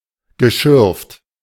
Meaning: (verb) past participle of schürfen; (adjective) dug (up)
- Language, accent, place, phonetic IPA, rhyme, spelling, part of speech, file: German, Germany, Berlin, [ɡəˈʃʏʁft], -ʏʁft, geschürft, verb, De-geschürft.ogg